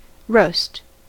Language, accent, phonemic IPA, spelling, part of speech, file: English, US, /ɹoʊst/, roast, verb / noun / adjective, En-us-roast.ogg
- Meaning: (verb) To cook food by heating in an oven or over a fire without covering, resulting in a crisp, possibly even slightly charred appearance